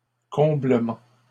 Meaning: plural of comblement
- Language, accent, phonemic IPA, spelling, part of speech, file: French, Canada, /kɔ̃.blə.mɑ̃/, comblements, noun, LL-Q150 (fra)-comblements.wav